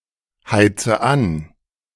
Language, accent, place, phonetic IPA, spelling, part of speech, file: German, Germany, Berlin, [ˌhaɪ̯t͡sə ˈan], heize an, verb, De-heize an.ogg
- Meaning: inflection of anheizen: 1. first-person singular present 2. first/third-person singular subjunctive I 3. singular imperative